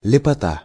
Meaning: beauty (quality of pleasing appearance)
- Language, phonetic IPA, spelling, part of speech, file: Russian, [lʲɪpɐˈta], лепота, noun, Ru-лепота.ogg